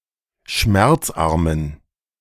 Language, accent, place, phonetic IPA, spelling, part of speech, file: German, Germany, Berlin, [ˈʃmɛʁt͡sˌʔaʁmən], schmerzarmen, adjective, De-schmerzarmen.ogg
- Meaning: inflection of schmerzarm: 1. strong genitive masculine/neuter singular 2. weak/mixed genitive/dative all-gender singular 3. strong/weak/mixed accusative masculine singular 4. strong dative plural